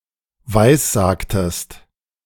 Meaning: inflection of weissagen: 1. second-person singular preterite 2. second-person singular subjunctive II
- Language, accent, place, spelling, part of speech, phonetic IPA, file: German, Germany, Berlin, weissagtest, verb, [ˈvaɪ̯sˌzaːktəst], De-weissagtest.ogg